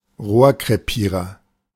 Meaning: 1. barrel burst (detonation of munitions while still in the barrel of the weapon) 2. non-starter, flop (idea or project that is considered a failure right after, or even before, being launched)
- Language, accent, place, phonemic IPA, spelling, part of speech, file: German, Germany, Berlin, /ˈʁoːɐ̯kʁeˌpiːʁɐ/, Rohrkrepierer, noun, De-Rohrkrepierer.ogg